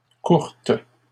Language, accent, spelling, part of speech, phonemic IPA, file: French, Canada, courte, adjective, /kuʁt/, LL-Q150 (fra)-courte.wav
- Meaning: feminine singular of court